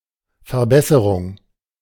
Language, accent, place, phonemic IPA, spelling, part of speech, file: German, Germany, Berlin, /fɛɐ̯ˈbɛsəʁʊŋ/, Verbesserung, noun, De-Verbesserung.ogg
- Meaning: 1. improvement 2. correction